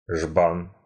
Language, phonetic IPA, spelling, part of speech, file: Russian, [ʐban], жбан, noun, Ru-жбан.ogg
- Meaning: can; pitcher (especially for kvass, wine, etc.)